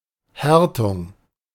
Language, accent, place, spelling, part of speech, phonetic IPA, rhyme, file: German, Germany, Berlin, Härtung, noun, [ˈhɛʁtʊŋ], -ɛʁtʊŋ, De-Härtung.ogg
- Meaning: 1. hardening 2. tempering